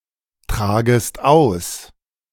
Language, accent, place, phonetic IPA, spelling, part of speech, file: German, Germany, Berlin, [ˌtʁaːɡəst ˈaʊ̯s], tragest aus, verb, De-tragest aus.ogg
- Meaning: second-person singular subjunctive I of austragen